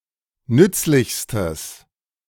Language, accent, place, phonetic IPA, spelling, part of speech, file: German, Germany, Berlin, [ˈnʏt͡slɪçstəs], nützlichstes, adjective, De-nützlichstes.ogg
- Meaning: strong/mixed nominative/accusative neuter singular superlative degree of nützlich